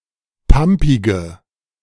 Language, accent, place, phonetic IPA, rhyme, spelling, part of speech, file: German, Germany, Berlin, [ˈpampɪɡə], -ampɪɡə, pampige, adjective, De-pampige.ogg
- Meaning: inflection of pampig: 1. strong/mixed nominative/accusative feminine singular 2. strong nominative/accusative plural 3. weak nominative all-gender singular 4. weak accusative feminine/neuter singular